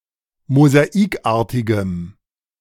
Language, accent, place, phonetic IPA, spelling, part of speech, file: German, Germany, Berlin, [mozaˈiːkˌʔaːɐ̯tɪɡəm], mosaikartigem, adjective, De-mosaikartigem.ogg
- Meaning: strong dative masculine/neuter singular of mosaikartig